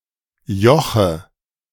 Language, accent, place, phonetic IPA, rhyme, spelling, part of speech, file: German, Germany, Berlin, [ˈjɔxə], -ɔxə, Joche, noun, De-Joche.ogg
- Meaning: nominative/accusative/genitive plural of Joch